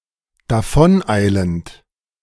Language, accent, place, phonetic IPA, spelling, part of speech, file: German, Germany, Berlin, [daˈfɔnˌʔaɪ̯lənt], davoneilend, verb, De-davoneilend.ogg
- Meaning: present participle of davoneilen